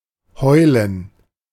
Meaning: gerund of heulen; crying; yelling
- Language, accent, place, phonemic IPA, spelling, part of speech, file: German, Germany, Berlin, /ˈhɔɪ̯lən/, Heulen, noun, De-Heulen.ogg